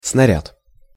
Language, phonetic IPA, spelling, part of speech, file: Russian, [snɐˈrʲat], снаряд, noun, Ru-снаряд.ogg
- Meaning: 1. shell, missile, projectile 2. apparatus 3. tool, equipment 4. tackle